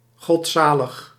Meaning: pious, devout
- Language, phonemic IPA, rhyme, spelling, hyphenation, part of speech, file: Dutch, /ˌɣɔtˈsaː.ləx/, -aːləx, godzalig, god‧za‧lig, adjective, Nl-godzalig.ogg